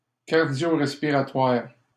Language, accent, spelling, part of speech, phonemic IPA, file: French, Canada, cardiorespiratoire, adjective, /kaʁ.djɔ.ʁɛs.pi.ʁa.twaʁ/, LL-Q150 (fra)-cardiorespiratoire.wav
- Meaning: cardiorespiratory